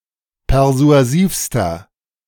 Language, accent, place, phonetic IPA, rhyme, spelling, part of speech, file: German, Germany, Berlin, [pɛʁzu̯aˈziːfstɐ], -iːfstɐ, persuasivster, adjective, De-persuasivster.ogg
- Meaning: inflection of persuasiv: 1. strong/mixed nominative masculine singular superlative degree 2. strong genitive/dative feminine singular superlative degree 3. strong genitive plural superlative degree